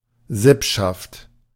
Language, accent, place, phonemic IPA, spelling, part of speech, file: German, Germany, Berlin, /ˈzɪpʃaft/, Sippschaft, noun, De-Sippschaft.ogg
- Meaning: synonym of Sippe